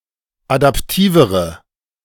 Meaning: inflection of adaptiv: 1. strong/mixed nominative/accusative feminine singular comparative degree 2. strong nominative/accusative plural comparative degree
- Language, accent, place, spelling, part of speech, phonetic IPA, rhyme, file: German, Germany, Berlin, adaptivere, adjective, [adapˈtiːvəʁə], -iːvəʁə, De-adaptivere.ogg